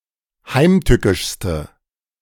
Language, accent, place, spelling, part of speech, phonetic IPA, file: German, Germany, Berlin, heimtückischste, adjective, [ˈhaɪ̯mˌtʏkɪʃstə], De-heimtückischste.ogg
- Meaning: inflection of heimtückisch: 1. strong/mixed nominative/accusative feminine singular superlative degree 2. strong nominative/accusative plural superlative degree